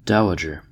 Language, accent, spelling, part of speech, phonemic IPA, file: English, US, dowager, noun, /ˈdaʊəd͡ʒɚ/, En-us-dowager.ogg
- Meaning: A widow holding property or title derived from her late husband